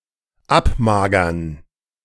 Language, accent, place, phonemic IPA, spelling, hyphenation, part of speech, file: German, Germany, Berlin, /ˈʔapmaːɡɐn/, abmagern, ab‧ma‧gern, verb, De-abmagern.ogg
- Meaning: to lose weight